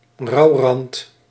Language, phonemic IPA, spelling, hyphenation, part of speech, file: Dutch, /ˈrɑu̯.rɑnt/, rouwrand, rouw‧rand, noun, Nl-rouwrand.ogg
- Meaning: 1. a black border on a piece of paper (often on envelopes) to signify mourning 2. a connotation of grief to an event or occasion